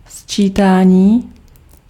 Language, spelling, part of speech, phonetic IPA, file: Czech, sčítání, noun, [ˈst͡ʃiːtaːɲiː], Cs-sčítání.ogg
- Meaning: 1. verbal noun of sčítat 2. addition